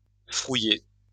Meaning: to cheat
- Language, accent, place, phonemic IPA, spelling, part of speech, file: French, France, Lyon, /fʁu.je/, frouiller, verb, LL-Q150 (fra)-frouiller.wav